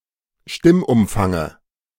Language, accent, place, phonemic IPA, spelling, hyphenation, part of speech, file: German, Germany, Berlin, /ˈʃtɪmʔʊmˌfaŋə/, Stimmumfange, Stimm‧um‧fan‧ge, noun, De-Stimmumfange.ogg
- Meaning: dative singular of Stimmumfang